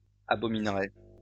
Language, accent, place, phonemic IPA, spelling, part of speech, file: French, France, Lyon, /a.bɔ.min.ʁɛ/, abominerait, verb, LL-Q150 (fra)-abominerait.wav
- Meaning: third-person singular conditional of abominer